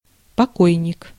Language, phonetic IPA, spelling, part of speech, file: Russian, [pɐˈkojnʲɪk], покойник, noun, Ru-покойник.ogg
- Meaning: the deceased